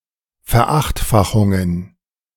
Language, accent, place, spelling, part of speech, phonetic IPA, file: German, Germany, Berlin, Verachtfachungen, noun, [fɛɐ̯ˈʔaxtˌfaxʊŋən], De-Verachtfachungen.ogg
- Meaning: plural of Verachtfachung